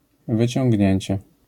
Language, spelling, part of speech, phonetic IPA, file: Polish, wyciągnięcie, noun, [ˌvɨt͡ɕɔ̃ŋʲɟˈɲɛ̇̃ɲt͡ɕɛ], LL-Q809 (pol)-wyciągnięcie.wav